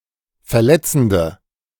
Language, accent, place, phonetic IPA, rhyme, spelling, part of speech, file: German, Germany, Berlin, [fɛɐ̯ˈlɛt͡sn̩də], -ɛt͡sn̩də, verletzende, adjective, De-verletzende.ogg
- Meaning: inflection of verletzend: 1. strong/mixed nominative/accusative feminine singular 2. strong nominative/accusative plural 3. weak nominative all-gender singular